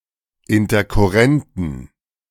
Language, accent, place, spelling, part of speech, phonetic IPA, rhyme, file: German, Germany, Berlin, interkurrenten, adjective, [ɪntɐkʊˈʁɛntn̩], -ɛntn̩, De-interkurrenten.ogg
- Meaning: inflection of interkurrent: 1. strong genitive masculine/neuter singular 2. weak/mixed genitive/dative all-gender singular 3. strong/weak/mixed accusative masculine singular 4. strong dative plural